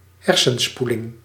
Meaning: brain-washing
- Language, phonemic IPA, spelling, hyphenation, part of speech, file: Dutch, /ˈɦɛr.sə(n)ˌspu.lɪŋ/, hersenspoeling, her‧sen‧spoe‧ling, noun, Nl-hersenspoeling.ogg